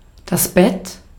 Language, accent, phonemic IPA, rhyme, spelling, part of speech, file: German, Austria, /bɛt/, -ɛt, Bett, noun, De-at-Bett.ogg
- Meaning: 1. bed (piece of furniture, usually flat and soft, for resting or sleeping on; one's place of sleep or rest) 2. bed (bottom of a body of water, such as an ocean, sea, lake, or river)